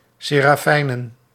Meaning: plural of serafijn
- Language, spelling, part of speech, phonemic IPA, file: Dutch, serafijnen, noun, /seraˈfɛinə(n)/, Nl-serafijnen.ogg